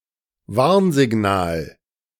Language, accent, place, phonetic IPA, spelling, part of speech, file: German, Germany, Berlin, [ˈvaʁnzɪˌɡnaːl], Warnsignal, noun, De-Warnsignal.ogg
- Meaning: 1. warning signal 2. red flag